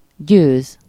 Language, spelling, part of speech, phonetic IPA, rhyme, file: Hungarian, győz, verb, [ˈɟøːz], -øːz, Hu-győz.ogg
- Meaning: 1. to win (especially in serious matters, whether war or competitive sports) 2. to cope with, to be able to (do something satisfactorily)